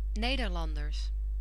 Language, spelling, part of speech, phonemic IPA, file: Dutch, Nederlanders, noun, /ˈnedərˌlɑndərs/, Nl-Nederlanders.ogg
- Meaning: plural of Nederlander